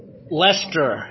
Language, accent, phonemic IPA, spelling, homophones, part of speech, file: English, US, /ˈlɛstɚ/, Leicester, Lester, proper noun / noun, En-us-Leicester.oga
- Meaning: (proper noun) 1. A city, unitary authority, and borough in and the county town of Leicestershire, England 2. A locality in Big Lakes County, Alberta, Canada